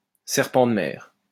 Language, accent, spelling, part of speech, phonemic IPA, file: French, France, serpent de mer, noun, /sɛʁ.pɑ̃ d(ə) mɛʁ/, LL-Q150 (fra)-serpent de mer.wav
- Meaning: 1. sea serpent 2. a long-discussed subject with no concrete reality